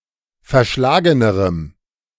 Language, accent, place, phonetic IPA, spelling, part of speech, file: German, Germany, Berlin, [fɛɐ̯ˈʃlaːɡənəʁəm], verschlagenerem, adjective, De-verschlagenerem.ogg
- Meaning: strong dative masculine/neuter singular comparative degree of verschlagen